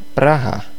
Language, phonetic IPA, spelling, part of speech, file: Czech, [ˈpraɦa], Praha, proper noun, Cs-Praha.ogg
- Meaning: 1. Prague (the capital city of the Czech Republic) 2. a male surname transferred from the place name